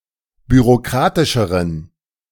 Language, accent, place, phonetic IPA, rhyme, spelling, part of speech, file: German, Germany, Berlin, [byʁoˈkʁaːtɪʃəʁən], -aːtɪʃəʁən, bürokratischeren, adjective, De-bürokratischeren.ogg
- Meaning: inflection of bürokratisch: 1. strong genitive masculine/neuter singular comparative degree 2. weak/mixed genitive/dative all-gender singular comparative degree